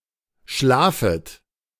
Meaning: second-person plural subjunctive I of schlafen
- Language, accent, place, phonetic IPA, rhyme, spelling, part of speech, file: German, Germany, Berlin, [ˈʃlaːfət], -aːfət, schlafet, verb, De-schlafet.ogg